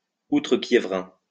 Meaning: 1. in France 2. in Belgium
- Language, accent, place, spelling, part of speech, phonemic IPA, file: French, France, Lyon, outre-Quiévrain, adverb, /u.tʁə.kje.vʁɛ̃/, LL-Q150 (fra)-outre-Quiévrain.wav